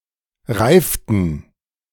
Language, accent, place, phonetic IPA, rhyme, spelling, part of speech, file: German, Germany, Berlin, [ˈʁaɪ̯ftn̩], -aɪ̯ftn̩, reiften, verb, De-reiften.ogg
- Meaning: inflection of reifen: 1. first/third-person plural preterite 2. first/third-person plural subjunctive II